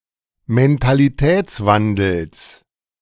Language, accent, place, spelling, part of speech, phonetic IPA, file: German, Germany, Berlin, Mentalitätswandels, noun, [mɛntaliˈtɛːt͡sˌvandl̩s], De-Mentalitätswandels.ogg
- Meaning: genitive singular of Mentalitätswandel